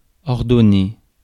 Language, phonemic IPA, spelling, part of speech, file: French, /ɔʁ.dɔ.ne/, ordonner, verb, Fr-ordonner.ogg
- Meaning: 1. to arrange, to organise, sort out (put in order) 2. to prescribe (e.g. medicine) 3. to prescribe, to order (give an order) 4. to ordain